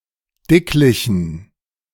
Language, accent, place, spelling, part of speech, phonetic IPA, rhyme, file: German, Germany, Berlin, dicklichen, adjective, [ˈdɪklɪçn̩], -ɪklɪçn̩, De-dicklichen.ogg
- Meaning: inflection of dicklich: 1. strong genitive masculine/neuter singular 2. weak/mixed genitive/dative all-gender singular 3. strong/weak/mixed accusative masculine singular 4. strong dative plural